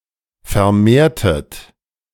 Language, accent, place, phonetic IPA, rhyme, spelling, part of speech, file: German, Germany, Berlin, [fɛɐ̯ˈmeːɐ̯tət], -eːɐ̯tət, vermehrtet, verb, De-vermehrtet.ogg
- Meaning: inflection of vermehren: 1. second-person plural preterite 2. second-person plural subjunctive II